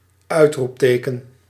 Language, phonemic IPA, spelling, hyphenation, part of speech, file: Dutch, /ˈœytrupˌtekə(n)/, uitroepteken, uit‧roep‧te‧ken, noun, Nl-uitroepteken.ogg
- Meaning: an exclamation mark (!)